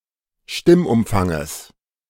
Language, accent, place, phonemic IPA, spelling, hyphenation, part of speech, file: German, Germany, Berlin, /ˈʃtɪmʔʊmˌfaŋəs/, Stimmumfanges, Stimm‧um‧fan‧ges, noun, De-Stimmumfanges.ogg
- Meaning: genitive singular of Stimmumfang